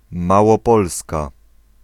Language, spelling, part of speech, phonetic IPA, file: Polish, Małopolska, proper noun, [ˌmawɔˈpɔlska], Pl-Małopolska.ogg